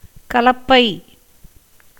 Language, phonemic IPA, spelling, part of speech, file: Tamil, /kɐlɐpːɐɪ̯/, கலப்பை, noun, Ta-கலப்பை.ogg
- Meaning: 1. plough, ploughshare 2. sundry materials required for a sacrificial fire